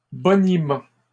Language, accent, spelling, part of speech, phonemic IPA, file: French, Canada, boniment, noun, /bɔ.ni.mɑ̃/, LL-Q150 (fra)-boniment.wav
- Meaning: patter, pitch, spiel, sales pitch